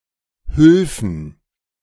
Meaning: first/third-person plural subjunctive II of helfen
- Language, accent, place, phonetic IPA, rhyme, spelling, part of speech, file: German, Germany, Berlin, [ˈhʏlfn̩], -ʏlfn̩, hülfen, verb, De-hülfen.ogg